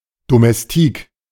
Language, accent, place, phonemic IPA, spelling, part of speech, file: German, Germany, Berlin, /domɛsˈtiːk/, Domestik, noun, De-Domestik.ogg
- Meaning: 1. domestic (house servant; maid) 2. domestique (rider who assists)